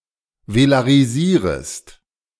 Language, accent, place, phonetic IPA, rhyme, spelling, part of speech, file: German, Germany, Berlin, [velaʁiˈziːʁəst], -iːʁəst, velarisierest, verb, De-velarisierest.ogg
- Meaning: second-person singular subjunctive I of velarisieren